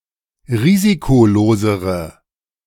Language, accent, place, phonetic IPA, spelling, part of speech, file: German, Germany, Berlin, [ˈʁiːzikoˌloːzəʁə], risikolosere, adjective, De-risikolosere.ogg
- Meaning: inflection of risikolos: 1. strong/mixed nominative/accusative feminine singular comparative degree 2. strong nominative/accusative plural comparative degree